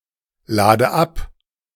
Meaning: inflection of abladen: 1. first-person singular present 2. first/third-person singular subjunctive I 3. singular imperative
- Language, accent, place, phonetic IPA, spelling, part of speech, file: German, Germany, Berlin, [ˌlaːdə ˈap], lade ab, verb, De-lade ab.ogg